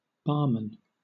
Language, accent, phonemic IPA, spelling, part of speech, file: English, Southern England, /ˈbɑːmən/, barman, noun, LL-Q1860 (eng)-barman.wav
- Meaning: A man who works in a bar